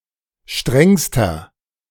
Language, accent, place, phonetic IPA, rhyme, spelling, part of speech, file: German, Germany, Berlin, [ˈʃtʁɛŋstɐ], -ɛŋstɐ, strengster, adjective, De-strengster.ogg
- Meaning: inflection of streng: 1. strong/mixed nominative masculine singular superlative degree 2. strong genitive/dative feminine singular superlative degree 3. strong genitive plural superlative degree